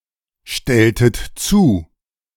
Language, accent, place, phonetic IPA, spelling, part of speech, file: German, Germany, Berlin, [ˌʃtɛltət ˈt͡suː], stelltet zu, verb, De-stelltet zu.ogg
- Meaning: inflection of zustellen: 1. second-person plural preterite 2. second-person plural subjunctive II